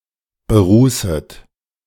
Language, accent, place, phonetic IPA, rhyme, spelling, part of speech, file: German, Germany, Berlin, [bəˈʁuːsət], -uːsət, berußet, verb, De-berußet.ogg
- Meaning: second-person plural subjunctive I of berußen